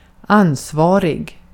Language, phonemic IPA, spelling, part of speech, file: Swedish, /²ansˌvɑːrɪɡ/, ansvarig, adjective, Sv-ansvarig.ogg
- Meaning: responsible